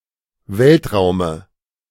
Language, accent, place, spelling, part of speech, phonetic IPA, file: German, Germany, Berlin, Weltraume, noun, [ˈvɛltˌʁaʊ̯mə], De-Weltraume.ogg
- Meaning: dative of Weltraum